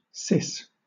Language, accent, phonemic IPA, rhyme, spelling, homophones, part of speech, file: English, Southern England, /sɪs/, -ɪs, sis, cis, noun, LL-Q1860 (eng)-sis.wav
- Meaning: Clipping of sister